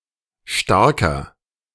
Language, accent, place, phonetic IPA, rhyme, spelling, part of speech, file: German, Germany, Berlin, [ˈʃtaʁkɐ], -aʁkɐ, starker, adjective, De-starker.ogg
- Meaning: inflection of stark: 1. strong/mixed nominative masculine singular 2. strong genitive/dative feminine singular 3. strong genitive plural